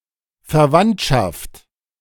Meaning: 1. kinship, relationship (by blood or marriage) 2. extended family, kin, relatives 3. relation, association, affinity, similarity
- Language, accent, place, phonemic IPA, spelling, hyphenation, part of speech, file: German, Germany, Berlin, /ferˈvantʃaft/, Verwandtschaft, Ver‧wandt‧schaft, noun, De-Verwandtschaft.ogg